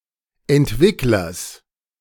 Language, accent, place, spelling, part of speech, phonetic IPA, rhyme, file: German, Germany, Berlin, Entwicklers, noun, [ɛntˈvɪklɐs], -ɪklɐs, De-Entwicklers.ogg
- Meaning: genitive singular of Entwickler